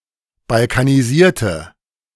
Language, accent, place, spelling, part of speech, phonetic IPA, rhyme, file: German, Germany, Berlin, balkanisierte, adjective / verb, [balkaniˈziːɐ̯tə], -iːɐ̯tə, De-balkanisierte.ogg
- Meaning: inflection of balkanisieren: 1. first/third-person singular preterite 2. first/third-person singular subjunctive II